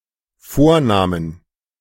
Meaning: plural of Vorname
- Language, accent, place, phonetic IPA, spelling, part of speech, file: German, Germany, Berlin, [ˈfoːɐ̯ˌnaːmən], Vornamen, noun, De-Vornamen.ogg